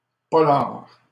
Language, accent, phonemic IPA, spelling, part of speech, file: French, Canada, /pɔ.laʁ/, polar, noun, LL-Q150 (fra)-polar.wav
- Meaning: detective novel